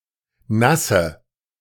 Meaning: inflection of nass: 1. strong/mixed nominative/accusative feminine singular 2. strong nominative/accusative plural 3. weak nominative all-gender singular 4. weak accusative feminine/neuter singular
- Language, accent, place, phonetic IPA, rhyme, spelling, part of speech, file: German, Germany, Berlin, [ˈnasə], -asə, nasse, adjective, De-nasse.ogg